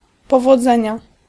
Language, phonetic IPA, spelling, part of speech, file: Polish, [ˌpɔvɔˈd͡zɛ̃ɲa], powodzenia, interjection, Pl-powodzenia.ogg